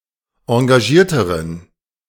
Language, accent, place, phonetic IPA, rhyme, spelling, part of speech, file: German, Germany, Berlin, [ɑ̃ɡaˈʒiːɐ̯təʁən], -iːɐ̯təʁən, engagierteren, adjective, De-engagierteren.ogg
- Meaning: inflection of engagiert: 1. strong genitive masculine/neuter singular comparative degree 2. weak/mixed genitive/dative all-gender singular comparative degree